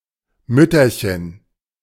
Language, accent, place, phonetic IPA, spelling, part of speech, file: German, Germany, Berlin, [ˈmʏtɐçən], Mütterchen, noun, De-Mütterchen.ogg
- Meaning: diminutive of Mutter